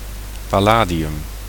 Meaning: 1. palladium (element) 2. palladium, safeguard (something that guarantees protection)
- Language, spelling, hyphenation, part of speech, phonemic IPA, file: Dutch, palladium, pal‧la‧di‧um, noun, /ˌpɑˈlaː.di.ʏm/, Nl-palladium.ogg